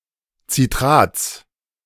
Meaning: plural of Citrat
- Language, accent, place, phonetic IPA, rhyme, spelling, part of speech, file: German, Germany, Berlin, [t͡siˈtʁaːt͡s], -aːt͡s, Citrats, noun, De-Citrats.ogg